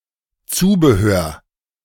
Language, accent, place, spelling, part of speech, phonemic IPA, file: German, Germany, Berlin, Zubehör, noun, /ˈtsuːbəˌhøːr/, De-Zubehör.ogg
- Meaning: accessories, fittings, paraphernalia, equipment, supplies, belongings